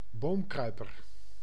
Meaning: 1. short-toed treecreeper (Certhia brachydactyla) 2. a treecreeper, bird of the family Certhiidae
- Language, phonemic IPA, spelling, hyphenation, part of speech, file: Dutch, /ˈboːmˌkrœy̯.pər/, boomkruiper, boom‧krui‧per, noun, Nl-boomkruiper.ogg